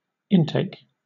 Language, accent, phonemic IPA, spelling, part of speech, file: English, Southern England, /ˈɪnteɪk/, intake, noun / verb, LL-Q1860 (eng)-intake.wav
- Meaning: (noun) 1. The place where water, air or other fluid is taken into a pipe or conduit; opposed to outlet 2. The beginning of a contraction or narrowing in a tube or cylinder 3. The quantity taken in